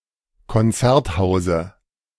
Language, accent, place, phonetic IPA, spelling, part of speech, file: German, Germany, Berlin, [kɔnˈt͡sɛʁtˌhaʊ̯zə], Konzerthause, noun, De-Konzerthause.ogg
- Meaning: dative singular of Konzerthaus